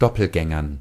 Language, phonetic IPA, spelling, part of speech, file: German, [ˈdɔpl̩ˌɡɛŋɐn], Doppelgängern, noun, De-Doppelgängern.ogg
- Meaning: dative plural of Doppelgänger